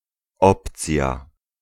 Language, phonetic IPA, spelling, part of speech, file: Polish, [ˈɔpt͡sʲja], opcja, noun, Pl-opcja.ogg